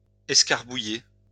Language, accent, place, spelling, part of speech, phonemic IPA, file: French, France, Lyon, escarbouiller, verb, /ɛs.kaʁ.bu.je/, LL-Q150 (fra)-escarbouiller.wav
- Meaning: obsolete form of écrabouiller